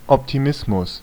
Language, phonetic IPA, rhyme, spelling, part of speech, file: German, [ɔptiˈmɪsmʊs], -ɪsmʊs, Optimismus, noun, De-Optimismus.ogg
- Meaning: optimism